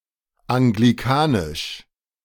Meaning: Anglican
- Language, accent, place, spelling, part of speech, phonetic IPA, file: German, Germany, Berlin, anglikanisch, adjective, [ʔaŋɡliˈkaːnɪʃ], De-anglikanisch.ogg